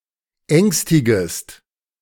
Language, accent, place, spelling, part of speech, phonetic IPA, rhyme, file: German, Germany, Berlin, ängstigest, verb, [ˈɛŋstɪɡəst], -ɛŋstɪɡəst, De-ängstigest.ogg
- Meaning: second-person singular subjunctive I of ängstigen